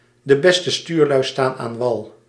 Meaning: it's easy to criticize other people's work when you're not the one doing it. Compare also a backseat driver
- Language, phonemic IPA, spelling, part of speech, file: Dutch, /də bɛstə styːrlœy̯ staːn aːn ʋɑl/, de beste stuurlui staan aan wal, proverb, Nl-de beste stuurlui staan aan wal.ogg